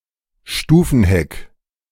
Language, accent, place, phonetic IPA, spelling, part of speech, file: German, Germany, Berlin, [ˈʃtuːfn̩ˌhɛk], Stufenheck, noun, De-Stufenheck.ogg
- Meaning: notchback